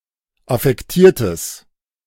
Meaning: strong/mixed nominative/accusative neuter singular of affektiert
- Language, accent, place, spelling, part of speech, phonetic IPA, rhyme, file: German, Germany, Berlin, affektiertes, adjective, [afɛkˈtiːɐ̯təs], -iːɐ̯təs, De-affektiertes.ogg